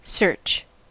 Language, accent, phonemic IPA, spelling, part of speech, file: English, US, /sɝt͡ʃ/, search, noun / verb, En-us-search.ogg
- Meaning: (noun) 1. An attempt to find something 2. The act of searching in general; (verb) 1. To look in (a place) for something 2. To look thoroughly 3. To look for, seek